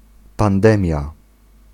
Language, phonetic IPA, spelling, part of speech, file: Polish, [pãnˈdɛ̃mʲja], pandemia, noun, Pl-pandemia.ogg